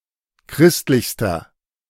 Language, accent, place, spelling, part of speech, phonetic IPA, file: German, Germany, Berlin, christlichster, adjective, [ˈkʁɪstlɪçstɐ], De-christlichster.ogg
- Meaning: inflection of christlich: 1. strong/mixed nominative masculine singular superlative degree 2. strong genitive/dative feminine singular superlative degree 3. strong genitive plural superlative degree